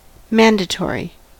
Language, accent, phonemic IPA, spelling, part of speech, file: English, US, /ˈmæn.dəˌtɔɹ.i/, mandatory, adjective / noun, En-us-mandatory.ogg
- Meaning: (adjective) 1. obligatory; required or commanded by authority 2. Of, being or relating to a mandate; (noun) A sign or line that require the path of the disc to be above, below or to one side of it